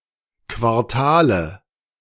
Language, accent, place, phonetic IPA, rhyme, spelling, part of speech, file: German, Germany, Berlin, [kvaʁˈtaːlə], -aːlə, Quartale, noun, De-Quartale.ogg
- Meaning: nominative/accusative/genitive plural of Quartal